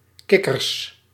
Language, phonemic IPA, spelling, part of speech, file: Dutch, /ˈkɪkərs/, kikkers, noun, Nl-kikkers.ogg
- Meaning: plural of kikker